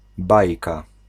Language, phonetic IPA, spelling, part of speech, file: Polish, [ˈbajka], bajka, noun, Pl-bajka.ogg